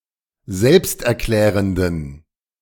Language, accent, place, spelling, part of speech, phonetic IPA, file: German, Germany, Berlin, selbsterklärenden, adjective, [ˈzɛlpstʔɛɐ̯ˌklɛːʁəndn̩], De-selbsterklärenden.ogg
- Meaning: inflection of selbsterklärend: 1. strong genitive masculine/neuter singular 2. weak/mixed genitive/dative all-gender singular 3. strong/weak/mixed accusative masculine singular 4. strong dative plural